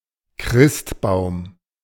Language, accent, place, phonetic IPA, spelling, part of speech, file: German, Germany, Berlin, [ˈkʁɪstˌbaʊ̯m], Christbaum, noun, De-Christbaum.ogg
- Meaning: Christmas tree